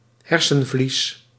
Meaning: meninges
- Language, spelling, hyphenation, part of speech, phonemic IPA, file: Dutch, hersenvlies, her‧sen‧vlies, noun, /ˈɦɛrsə(n)ˌvlis/, Nl-hersenvlies.ogg